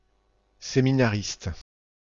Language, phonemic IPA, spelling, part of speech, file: French, /se.mi.na.ʁist/, séminariste, noun, FR-séminariste.ogg
- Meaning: seminarist